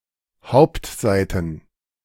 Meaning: plural of Hauptseite
- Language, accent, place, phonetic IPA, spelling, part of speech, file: German, Germany, Berlin, [ˈhaʊ̯ptˌzaɪ̯tn̩], Hauptseiten, noun, De-Hauptseiten.ogg